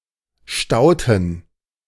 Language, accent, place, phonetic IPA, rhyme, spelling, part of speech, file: German, Germany, Berlin, [ˈʃtaʊ̯tn̩], -aʊ̯tn̩, stauten, verb, De-stauten.ogg
- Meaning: inflection of stauen: 1. first/third-person plural preterite 2. first/third-person plural subjunctive II